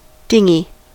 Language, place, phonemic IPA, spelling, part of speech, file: English, California, /ˈdɪŋ.(ɡ)i/, dinghy, noun / verb, En-us-dinghy.ogg
- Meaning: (noun) 1. A small open boat, propelled by oars or paddles, carried as a tender, lifeboat, or pleasure craft on a ship 2. A sailing dinghy 3. An inflatable rubber life raft; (verb) To travel by dinghy